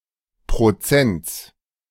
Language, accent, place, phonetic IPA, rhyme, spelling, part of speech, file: German, Germany, Berlin, [pʁoˈt͡sɛnt͡s], -ɛnt͡s, Prozents, noun, De-Prozents.ogg
- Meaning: genitive singular of Prozent